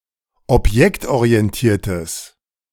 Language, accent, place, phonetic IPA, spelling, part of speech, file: German, Germany, Berlin, [ɔpˈjɛktʔoʁiɛnˌtiːɐ̯təs], objektorientiertes, adjective, De-objektorientiertes.ogg
- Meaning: strong/mixed nominative/accusative neuter singular of objektorientiert